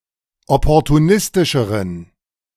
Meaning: inflection of opportunistisch: 1. strong genitive masculine/neuter singular comparative degree 2. weak/mixed genitive/dative all-gender singular comparative degree
- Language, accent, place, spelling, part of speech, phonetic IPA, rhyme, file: German, Germany, Berlin, opportunistischeren, adjective, [ˌɔpɔʁtuˈnɪstɪʃəʁən], -ɪstɪʃəʁən, De-opportunistischeren.ogg